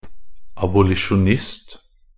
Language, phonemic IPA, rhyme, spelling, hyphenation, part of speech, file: Norwegian Bokmål, /abʊlɪʃʊnˈɪst/, -ɪst, abolisjonist, ab‧o‧li‧sjon‧ist, noun, NB - Pronunciation of Norwegian Bokmål «abolisjonist».ogg
- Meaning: 1. an abolitionist (a person who favors the abolition of any particular institution or practice) 2. an abolitionist (a person who favored or advocated the abolition of slavery, chiefly in the US)